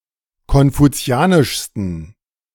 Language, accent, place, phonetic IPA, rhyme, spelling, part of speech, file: German, Germany, Berlin, [kɔnfuˈt͡si̯aːnɪʃstn̩], -aːnɪʃstn̩, konfuzianischsten, adjective, De-konfuzianischsten.ogg
- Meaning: 1. superlative degree of konfuzianisch 2. inflection of konfuzianisch: strong genitive masculine/neuter singular superlative degree